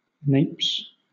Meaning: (noun) plural of nape; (verb) third-person singular simple present indicative of nape
- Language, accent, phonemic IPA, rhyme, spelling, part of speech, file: English, Southern England, /neɪps/, -eɪps, napes, noun / verb, LL-Q1860 (eng)-napes.wav